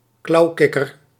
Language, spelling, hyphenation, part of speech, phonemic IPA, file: Dutch, klauwkikker, klauw‧kik‧ker, noun, /ˈklɑu̯ˌkɪ.kər/, Nl-klauwkikker.ogg
- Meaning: clawed frog, frog of the genus Xenopus